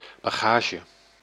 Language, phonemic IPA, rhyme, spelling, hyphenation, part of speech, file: Dutch, /ˌbaːˈɣaː.ʒə/, -aːʒə, bagage, ba‧ga‧ge, noun, Nl-bagage.ogg
- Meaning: 1. baggage; luggage 2. load, a person's relevant (especially hindering) background